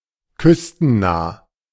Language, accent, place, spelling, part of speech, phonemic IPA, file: German, Germany, Berlin, küstennah, adjective, /ˈkʏstn̩naː/, De-küstennah.ogg
- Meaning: offshore, coastal